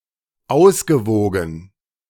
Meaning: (verb) past participle of auswiegen; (adjective) balanced; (verb) past participle of auswägen
- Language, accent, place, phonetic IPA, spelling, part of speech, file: German, Germany, Berlin, [ˈaʊ̯sɡəˌvoːɡn̩], ausgewogen, adjective / verb, De-ausgewogen.ogg